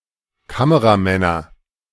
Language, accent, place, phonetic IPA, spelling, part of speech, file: German, Germany, Berlin, [ˈkaməʁaˌmɛnɐ], Kameramänner, noun, De-Kameramänner.ogg
- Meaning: nominative/accusative/genitive plural of Kameramann